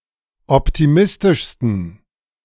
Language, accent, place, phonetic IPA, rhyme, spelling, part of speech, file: German, Germany, Berlin, [ˌɔptiˈmɪstɪʃstn̩], -ɪstɪʃstn̩, optimistischsten, adjective, De-optimistischsten.ogg
- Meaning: 1. superlative degree of optimistisch 2. inflection of optimistisch: strong genitive masculine/neuter singular superlative degree